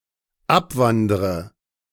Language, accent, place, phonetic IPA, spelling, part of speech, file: German, Germany, Berlin, [ˈapˌvandʁə], abwandre, verb, De-abwandre.ogg
- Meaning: inflection of abwandern: 1. first-person singular dependent present 2. first/third-person singular dependent subjunctive I